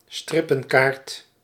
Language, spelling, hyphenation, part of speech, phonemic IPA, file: Dutch, strippenkaart, strip‧pen‧kaart, noun, /ˈstrɪ.pə(n)ˌkaːrt/, Nl-strippenkaart.ogg
- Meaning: ticket for local public transport (i.e. for buses, trams, and metro)